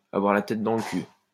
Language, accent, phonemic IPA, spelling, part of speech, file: French, France, /a.vwaʁ la tɛt dɑ̃ l(ə) ky/, avoir la tête dans le cul, verb, LL-Q150 (fra)-avoir la tête dans le cul.wav
- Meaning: to be knackered; to feel like shit